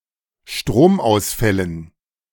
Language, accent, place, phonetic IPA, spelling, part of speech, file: German, Germany, Berlin, [ˈʃtʁoːmʔaʊ̯sˌfɛlən], Stromausfällen, noun, De-Stromausfällen.ogg
- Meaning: dative plural of Stromausfall